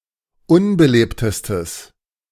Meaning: strong/mixed nominative/accusative neuter singular superlative degree of unbelebt
- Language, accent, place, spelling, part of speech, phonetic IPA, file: German, Germany, Berlin, unbelebtestes, adjective, [ˈʊnbəˌleːptəstəs], De-unbelebtestes.ogg